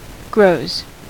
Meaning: third-person singular simple present indicative of grow
- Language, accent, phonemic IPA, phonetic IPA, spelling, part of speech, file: English, US, /ɡɹoʊz/, [ɡɹoʊ̯z], grows, verb, En-us-grows.ogg